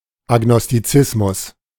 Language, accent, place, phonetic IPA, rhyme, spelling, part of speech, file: German, Germany, Berlin, [aɡnɔstiˈt͡sɪsmʊs], -ɪsmʊs, Agnostizismus, noun, De-Agnostizismus.ogg
- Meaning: agnosticism